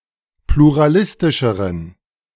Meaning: inflection of pluralistisch: 1. strong genitive masculine/neuter singular comparative degree 2. weak/mixed genitive/dative all-gender singular comparative degree
- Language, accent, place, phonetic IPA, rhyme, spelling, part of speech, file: German, Germany, Berlin, [pluʁaˈlɪstɪʃəʁən], -ɪstɪʃəʁən, pluralistischeren, adjective, De-pluralistischeren.ogg